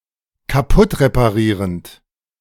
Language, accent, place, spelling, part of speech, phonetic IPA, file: German, Germany, Berlin, kaputtreparierend, verb, [kaˈpʊtʁepaˌʁiːʁənt], De-kaputtreparierend.ogg
- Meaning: present participle of kaputtreparieren